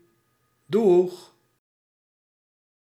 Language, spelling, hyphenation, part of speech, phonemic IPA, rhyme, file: Dutch, doeg, doeg, interjection / noun, /dux/, -ux, Nl-doeg.ogg
- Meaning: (interjection) bye; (noun) synonym of dag